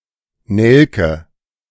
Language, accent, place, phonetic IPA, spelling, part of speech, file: German, Germany, Berlin, [ˈnɛlkə], Nelke, noun, De-Nelke.ogg
- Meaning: 1. clove (aromatic flower buds of Syzygium aromaticum) 2. carnation, pink (Dianthus caryophyllus) (named by analogy for its clove-like smell)